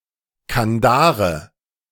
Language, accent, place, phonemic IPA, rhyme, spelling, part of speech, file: German, Germany, Berlin, /kanˈdaːʁə/, -aːʁə, Kandare, noun, De-Kandare.ogg
- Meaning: curb bit, curb (driving bit for a horse)